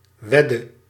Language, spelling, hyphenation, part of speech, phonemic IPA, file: Dutch, wedde, wed‧de, noun / verb, /ˈʋɛ.də/, Nl-wedde.ogg
- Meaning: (noun) 1. a wage, salary, periodic pay for a civil servant or long-term employee 2. the wage of a soldier 3. the stake of a wager; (verb) inflection of wedden: singular past indicative